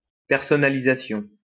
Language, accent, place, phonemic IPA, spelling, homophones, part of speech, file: French, France, Lyon, /pɛʁ.sɔ.na.li.za.sjɔ̃/, personnalisation, personnalisations, noun, LL-Q150 (fra)-personnalisation.wav
- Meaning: customization, personalization